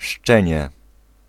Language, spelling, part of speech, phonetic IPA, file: Polish, szczenię, noun, [ˈʃt͡ʃɛ̃ɲɛ], Pl-szczenię.ogg